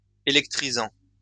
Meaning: present participle of électriser
- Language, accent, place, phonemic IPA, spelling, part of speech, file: French, France, Lyon, /e.lɛk.tʁi.zɑ̃/, électrisant, verb, LL-Q150 (fra)-électrisant.wav